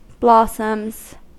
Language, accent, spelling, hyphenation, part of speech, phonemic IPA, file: English, General American, blossoms, blos‧soms, noun / verb, /ˈblɑ.səms/, En-us-blossoms.ogg
- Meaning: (noun) plural of blossom; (verb) third-person singular simple present indicative of blossom